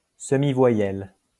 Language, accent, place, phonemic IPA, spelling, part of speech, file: French, France, Lyon, /sə.mi.vwa.jɛl/, semi-voyelle, noun, LL-Q150 (fra)-semi-voyelle.wav
- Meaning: semivowel (sound in speech)